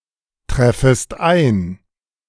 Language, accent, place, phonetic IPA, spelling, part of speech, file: German, Germany, Berlin, [ˌtʁɛfəst ˈaɪ̯n], treffest ein, verb, De-treffest ein.ogg
- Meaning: second-person singular subjunctive I of eintreffen